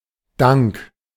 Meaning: thanks, gratitude, appreciation
- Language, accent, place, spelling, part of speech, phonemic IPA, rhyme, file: German, Germany, Berlin, Dank, noun, /daŋk/, -aŋk, De-Dank.ogg